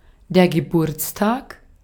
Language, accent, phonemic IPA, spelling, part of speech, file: German, Austria, /ɡəˈbuːɐ̯t͡sˌtaːk/, Geburtstag, noun, De-at-Geburtstag.ogg
- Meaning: birthday